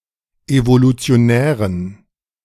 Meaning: inflection of evolutionär: 1. strong genitive masculine/neuter singular 2. weak/mixed genitive/dative all-gender singular 3. strong/weak/mixed accusative masculine singular 4. strong dative plural
- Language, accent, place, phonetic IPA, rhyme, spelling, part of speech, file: German, Germany, Berlin, [ˌevolut͡si̯oˈnɛːʁən], -ɛːʁən, evolutionären, adjective, De-evolutionären.ogg